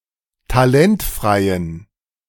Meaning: inflection of talentfrei: 1. strong genitive masculine/neuter singular 2. weak/mixed genitive/dative all-gender singular 3. strong/weak/mixed accusative masculine singular 4. strong dative plural
- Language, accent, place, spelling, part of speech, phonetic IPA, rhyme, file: German, Germany, Berlin, talentfreien, adjective, [taˈlɛntfʁaɪ̯ən], -ɛntfʁaɪ̯ən, De-talentfreien.ogg